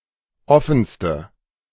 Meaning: inflection of offen: 1. strong/mixed nominative/accusative feminine singular superlative degree 2. strong nominative/accusative plural superlative degree
- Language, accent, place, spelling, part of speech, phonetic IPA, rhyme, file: German, Germany, Berlin, offenste, adjective, [ˈɔfn̩stə], -ɔfn̩stə, De-offenste.ogg